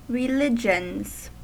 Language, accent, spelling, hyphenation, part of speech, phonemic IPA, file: English, US, religions, re‧li‧gions, noun / verb, /ɹɪˈlɪd͡ʒ.ənz/, En-us-religions.ogg
- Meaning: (noun) plural of religion; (verb) third-person singular simple present indicative of religion